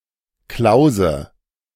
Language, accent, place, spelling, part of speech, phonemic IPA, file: German, Germany, Berlin, Klause, noun / proper noun, /ˈklaʊ̯zə/, De-Klause.ogg
- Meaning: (noun) 1. cell in a monastery / convent 2. hermitage (house of a hermit) 3. a small room or dwelling, usually snug and quiet 4. alternative form of Klaus (“kloyz”) 5. gorge, narrow pass